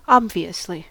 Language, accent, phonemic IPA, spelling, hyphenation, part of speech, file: English, US, /ˈɑ(b).vi(.)əs.li/, obviously, ob‧vi‧ous‧ly, adverb, En-us-obviously.ogg
- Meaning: 1. In an obvious or clearly apparent manner 2. Used as a filler word, or to introduce information even when not obvious